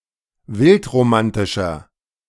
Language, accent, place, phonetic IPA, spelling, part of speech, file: German, Germany, Berlin, [ˈvɪltʁoˌmantɪʃɐ], wildromantischer, adjective, De-wildromantischer.ogg
- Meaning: inflection of wildromantisch: 1. strong/mixed nominative masculine singular 2. strong genitive/dative feminine singular 3. strong genitive plural